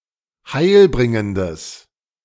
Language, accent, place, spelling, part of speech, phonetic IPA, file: German, Germany, Berlin, heilbringendes, adjective, [ˈhaɪ̯lˌbʁɪŋəndəs], De-heilbringendes.ogg
- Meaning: strong/mixed nominative/accusative neuter singular of heilbringend